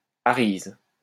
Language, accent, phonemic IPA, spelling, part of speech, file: French, France, /a.ʁiz/, arrhize, adjective, LL-Q150 (fra)-arrhize.wav
- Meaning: arrhizal, arrhizous